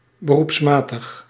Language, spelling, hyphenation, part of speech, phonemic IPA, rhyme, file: Dutch, beroepsmatig, be‧roeps‧ma‧tig, adjective, /bəˌrupsˈmaː.təx/, -aːtəx, Nl-beroepsmatig.ogg
- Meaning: professional